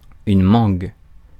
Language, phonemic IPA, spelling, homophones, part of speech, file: French, /mɑ̃ɡ/, mangue, mangues, noun, Fr-mangue.ogg
- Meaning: 1. mango (fruit of the mango tree) 2. a carnivorous mammal related to the mongoose